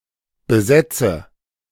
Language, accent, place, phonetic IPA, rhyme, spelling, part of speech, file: German, Germany, Berlin, [bəˈzɛt͡sə], -ɛt͡sə, besetze, verb, De-besetze.ogg
- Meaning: inflection of besetzen: 1. first-person singular present 2. first/third-person singular subjunctive I 3. singular imperative